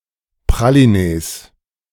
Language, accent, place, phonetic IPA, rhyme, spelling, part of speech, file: German, Germany, Berlin, [pʁaliˈneːs], -eːs, Pralinees, noun, De-Pralinees.ogg
- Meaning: 1. genitive singular of Pralinee 2. plural of Pralinee